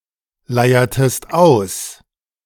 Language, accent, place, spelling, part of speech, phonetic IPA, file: German, Germany, Berlin, leiertest aus, verb, [ˌlaɪ̯ɐtəst ˈaʊ̯s], De-leiertest aus.ogg
- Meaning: inflection of ausleiern: 1. second-person singular preterite 2. second-person singular subjunctive II